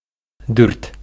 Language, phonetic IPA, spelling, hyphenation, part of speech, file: Bashkir, [dʏrt], дүрт, дүрт, numeral, Ba-дүрт.ogg
- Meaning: four